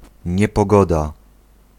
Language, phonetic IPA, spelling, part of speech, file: Polish, [ˌɲɛpɔˈɡɔda], niepogoda, noun, Pl-niepogoda.ogg